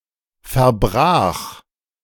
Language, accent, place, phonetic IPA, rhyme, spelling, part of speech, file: German, Germany, Berlin, [fɛɐ̯ˈbʁaːx], -aːx, verbrach, verb, De-verbrach.ogg
- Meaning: first/third-person singular preterite of verbrechen